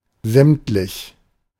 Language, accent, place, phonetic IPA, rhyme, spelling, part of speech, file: German, Germany, Berlin, [ˈzɛmtlɪç], -ɛmtlɪç, sämtlich, adjective, De-sämtlich.ogg
- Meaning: 1. all 2. complete